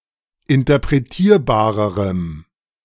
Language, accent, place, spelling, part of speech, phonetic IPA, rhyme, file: German, Germany, Berlin, interpretierbarerem, adjective, [ɪntɐpʁeˈtiːɐ̯baːʁəʁəm], -iːɐ̯baːʁəʁəm, De-interpretierbarerem.ogg
- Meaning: strong dative masculine/neuter singular comparative degree of interpretierbar